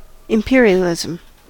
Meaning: The policy of forcefully extending a nation's authority by territorial gain or by the establishment of economic and political dominance over other nations
- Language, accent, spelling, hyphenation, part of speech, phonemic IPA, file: English, General American, imperialism, im‧per‧i‧al‧i‧sm, noun, /ɪmˈpɪ.ɹi.əˌlɪ.zəm/, En-us-imperialism.ogg